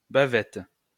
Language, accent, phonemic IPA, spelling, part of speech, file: French, France, /ba.vɛt/, bavette, noun, LL-Q150 (fra)-bavette.wav
- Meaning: 1. bib 2. bavette: beef flank steak 3. bavette: beef flap steak